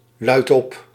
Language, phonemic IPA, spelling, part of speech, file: Dutch, /ˈlœytɔp/, luidop, adverb, Nl-luidop.ogg
- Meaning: out loud, aloud